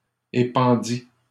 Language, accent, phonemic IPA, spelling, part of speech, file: French, Canada, /e.pɑ̃.di/, épandît, verb, LL-Q150 (fra)-épandît.wav
- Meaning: third-person singular imperfect subjunctive of épandre